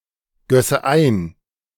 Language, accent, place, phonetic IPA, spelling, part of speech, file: German, Germany, Berlin, [ˌɡœsə ˈaɪ̯n], gösse ein, verb, De-gösse ein.ogg
- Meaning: first/third-person singular subjunctive II of eingießen